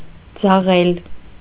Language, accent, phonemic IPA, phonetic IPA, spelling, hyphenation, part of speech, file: Armenian, Eastern Armenian, /d͡zɑˈʁel/, [d͡zɑʁél], ձաղել, ձա‧ղել, verb, Hy-ձաղել.ogg
- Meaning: to deride